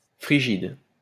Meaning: 1. frigid (very cold) 2. frigid (unable to take part in sexual intercourse)
- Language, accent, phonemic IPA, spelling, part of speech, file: French, France, /fʁi.ʒid/, frigide, adjective, LL-Q150 (fra)-frigide.wav